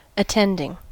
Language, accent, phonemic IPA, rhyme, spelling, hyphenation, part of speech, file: English, US, /əˈtɛndɪŋ/, -ɛndɪŋ, attending, at‧tend‧ing, adjective / noun / verb, En-us-attending.ogg
- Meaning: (adjective) 1. That attend or attends; that is or are in attendance; attendant 2. Serving on the staff of a teaching hospital as a doctor 3. Attendant, concomitant